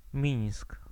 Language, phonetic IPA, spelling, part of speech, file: Polish, [mʲĩj̃sk], Mińsk, proper noun, Pl-Mińsk.ogg